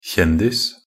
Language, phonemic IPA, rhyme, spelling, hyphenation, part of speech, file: Norwegian Bokmål, /ˈçɛndɪs/, -ɪs, kjendis, kjen‧dis, noun, Nb-kjendis.ogg
- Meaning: a celebrity (a famous person who has a high degree of recognition by the general population for his or her success or accomplishments)